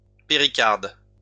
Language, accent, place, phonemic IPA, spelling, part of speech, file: French, France, Lyon, /pe.ʁi.kaʁd/, péricarde, noun, LL-Q150 (fra)-péricarde.wav
- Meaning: pericardium